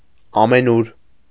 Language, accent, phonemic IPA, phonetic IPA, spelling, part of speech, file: Armenian, Eastern Armenian, /ɑmeˈnuɾ/, [ɑmenúɾ], ամենուր, adverb, Hy-ամենուր.ogg
- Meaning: everywhere (in every place)